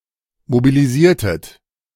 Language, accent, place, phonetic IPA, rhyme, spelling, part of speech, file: German, Germany, Berlin, [mobiliˈziːɐ̯tət], -iːɐ̯tət, mobilisiertet, verb, De-mobilisiertet.ogg
- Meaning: inflection of mobilisieren: 1. second-person plural preterite 2. second-person plural subjunctive II